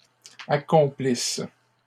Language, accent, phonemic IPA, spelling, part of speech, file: French, Canada, /a.kɔ̃.plis/, accomplissent, verb, LL-Q150 (fra)-accomplissent.wav
- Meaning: inflection of accomplir: 1. third-person plural present indicative/subjunctive 2. third-person plural imperfect subjunctive